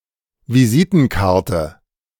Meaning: 1. visiting card 2. business card 3. calling card
- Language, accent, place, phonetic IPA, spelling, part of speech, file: German, Germany, Berlin, [viˈziːtn̩ˌkaʁtə], Visitenkarte, noun, De-Visitenkarte.ogg